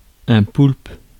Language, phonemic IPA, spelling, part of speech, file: French, /pulp/, poulpe, noun, Fr-poulpe.ogg
- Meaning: an octopus